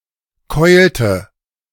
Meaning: inflection of keulen: 1. first/third-person singular preterite 2. first/third-person singular subjunctive II
- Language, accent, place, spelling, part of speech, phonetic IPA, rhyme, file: German, Germany, Berlin, keulte, verb, [ˈkɔɪ̯ltə], -ɔɪ̯ltə, De-keulte.ogg